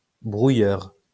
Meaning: scrambler, jammer
- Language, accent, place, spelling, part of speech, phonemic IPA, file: French, France, Lyon, brouilleur, noun, /bʁu.jœʁ/, LL-Q150 (fra)-brouilleur.wav